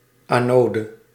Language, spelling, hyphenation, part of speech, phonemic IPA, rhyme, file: Dutch, anode, ano‧de, noun, /ˌaːˈnoː.də/, -oːdə, Nl-anode.ogg
- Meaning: anode